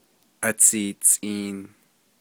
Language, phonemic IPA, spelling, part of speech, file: Navajo, /ʔɑ̀t͡sʰìːt͡sʼìːn/, atsiitsʼiin, noun, Nv-atsiitsʼiin.ogg
- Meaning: 1. head, cranium 2. engine